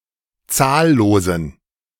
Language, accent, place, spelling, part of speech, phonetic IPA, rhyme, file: German, Germany, Berlin, zahllosen, adjective, [ˈt͡saːlloːzn̩], -aːlloːzn̩, De-zahllosen.ogg
- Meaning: inflection of zahllos: 1. strong genitive masculine/neuter singular 2. weak/mixed genitive/dative all-gender singular 3. strong/weak/mixed accusative masculine singular 4. strong dative plural